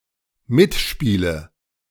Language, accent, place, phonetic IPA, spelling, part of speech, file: German, Germany, Berlin, [ˈmɪtˌʃpiːlə], mitspiele, verb, De-mitspiele.ogg
- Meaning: inflection of mitspielen: 1. first-person singular dependent present 2. first/third-person singular dependent subjunctive I